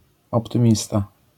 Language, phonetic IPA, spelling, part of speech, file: Polish, [ˌɔptɨ̃ˈmʲista], optymista, noun, LL-Q809 (pol)-optymista.wav